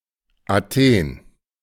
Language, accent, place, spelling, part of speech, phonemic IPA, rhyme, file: German, Germany, Berlin, Athen, proper noun, /aˈteːn/, -eːn, De-Athen.ogg
- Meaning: Athens (the capital city of Greece)